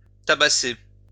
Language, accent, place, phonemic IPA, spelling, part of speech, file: French, France, Lyon, /ta.ba.se/, tabasser, verb, LL-Q150 (fra)-tabasser.wav
- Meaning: 1. beat up (to give a beating to) 2. to thwack, clobber